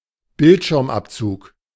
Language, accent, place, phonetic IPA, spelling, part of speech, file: German, Germany, Berlin, [ˈbɪltʃɪʁmˌʔapt͡suːk], Bildschirmabzug, noun, De-Bildschirmabzug.ogg
- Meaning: the screen shot showing the current screen image